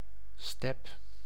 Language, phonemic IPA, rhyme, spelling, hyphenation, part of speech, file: Dutch, /stɛp/, -ɛp, step, step, noun, Nl-step.ogg
- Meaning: 1. kick scooter 2. a mounting bracket on a bicycle